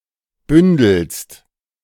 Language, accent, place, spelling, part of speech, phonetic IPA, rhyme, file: German, Germany, Berlin, bündelst, verb, [ˈbʏndl̩st], -ʏndl̩st, De-bündelst.ogg
- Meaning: second-person singular present of bündeln